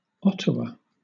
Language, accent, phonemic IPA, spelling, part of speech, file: English, Southern England, /ˈɒtəwə/, Ottawa, proper noun / noun, LL-Q1860 (eng)-Ottawa.wav
- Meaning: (proper noun) 1. A city in Ontario, Canada; the capital city of Canada 2. A city in Ontario, Canada; the capital city of Canada.: The federal government of Canada